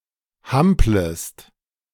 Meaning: second-person singular subjunctive I of hampeln
- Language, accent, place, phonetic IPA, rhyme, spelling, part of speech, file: German, Germany, Berlin, [ˈhampləst], -ampləst, hamplest, verb, De-hamplest.ogg